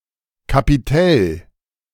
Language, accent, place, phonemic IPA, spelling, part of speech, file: German, Germany, Berlin, /kapiˈtɛl/, Kapitell, noun, De-Kapitell.ogg
- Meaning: capital (uppermost part of a column)